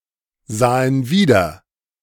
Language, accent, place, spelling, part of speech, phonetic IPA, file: German, Germany, Berlin, sahen wieder, verb, [ˌzaːən ˈviːdɐ], De-sahen wieder.ogg
- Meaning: first/third-person plural preterite of wiedersehen